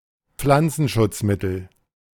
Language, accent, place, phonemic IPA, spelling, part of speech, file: German, Germany, Berlin, /ˈp͡flant͡sn̩ʃʊt͡sˌmɪtl̩/, Pflanzenschutzmittel, noun, De-Pflanzenschutzmittel.ogg
- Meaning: pesticide